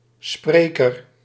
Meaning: 1. one who speaks; speaker 2. orator; lecturer
- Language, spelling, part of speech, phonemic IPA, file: Dutch, spreker, noun, /ˈsprekər/, Nl-spreker.ogg